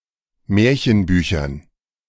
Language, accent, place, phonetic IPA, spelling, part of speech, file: German, Germany, Berlin, [ˈmɛːɐ̯çənˌbyːçɐn], Märchenbüchern, noun, De-Märchenbüchern.ogg
- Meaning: dative plural of Märchenbuch